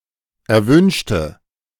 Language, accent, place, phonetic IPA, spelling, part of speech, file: German, Germany, Berlin, [ɛɐ̯ˈvʏnʃtə], erwünschte, adjective / verb, De-erwünschte.ogg
- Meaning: inflection of erwünscht: 1. strong/mixed nominative/accusative feminine singular 2. strong nominative/accusative plural 3. weak nominative all-gender singular